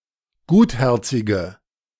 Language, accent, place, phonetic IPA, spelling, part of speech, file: German, Germany, Berlin, [ˈɡuːtˌhɛʁt͡sɪɡə], gutherzige, adjective, De-gutherzige.ogg
- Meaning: inflection of gutherzig: 1. strong/mixed nominative/accusative feminine singular 2. strong nominative/accusative plural 3. weak nominative all-gender singular